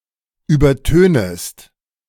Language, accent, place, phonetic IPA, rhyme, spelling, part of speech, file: German, Germany, Berlin, [ˌyːbɐˈtøːnəst], -øːnəst, übertönest, verb, De-übertönest.ogg
- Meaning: second-person singular subjunctive I of übertönen